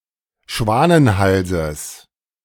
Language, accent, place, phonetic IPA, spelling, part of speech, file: German, Germany, Berlin, [ˈʃvaːnənˌhalzəs], Schwanenhalses, noun, De-Schwanenhalses.ogg
- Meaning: genitive singular of Schwanenhals